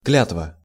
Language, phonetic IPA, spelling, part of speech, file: Russian, [ˈklʲatvə], клятва, noun, Ru-клятва.ogg
- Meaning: oath, vow